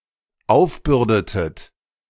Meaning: inflection of aufbürden: 1. second-person plural dependent preterite 2. second-person plural dependent subjunctive II
- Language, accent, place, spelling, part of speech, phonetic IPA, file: German, Germany, Berlin, aufbürdetet, verb, [ˈaʊ̯fˌbʏʁdətət], De-aufbürdetet.ogg